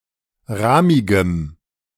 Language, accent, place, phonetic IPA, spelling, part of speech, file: German, Germany, Berlin, [ˈʁaːmɪɡəm], rahmigem, adjective, De-rahmigem.ogg
- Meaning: strong dative masculine/neuter singular of rahmig